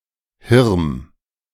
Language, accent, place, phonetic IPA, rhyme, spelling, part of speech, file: German, Germany, Berlin, [hɪʁm], -ɪʁm, Hirm, proper noun, De-Hirm.ogg
- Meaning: a municipality of Burgenland, Austria